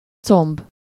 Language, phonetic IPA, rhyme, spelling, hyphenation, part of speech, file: Hungarian, [ˈt͡somb], -omb, comb, comb, noun, Hu-comb.ogg
- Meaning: thigh